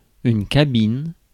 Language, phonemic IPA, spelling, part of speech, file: French, /ka.bin/, cabine, noun, Fr-cabine.ogg
- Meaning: cabin (aeroplane)